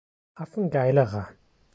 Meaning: inflection of affengeil: 1. strong/mixed nominative masculine singular comparative degree 2. strong genitive/dative feminine singular comparative degree 3. strong genitive plural comparative degree
- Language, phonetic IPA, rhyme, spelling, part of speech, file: German, [ˈafn̩ˈɡaɪ̯ləʁɐ], -aɪ̯ləʁɐ, affengeilerer, adjective, De-affengeilerer.ogg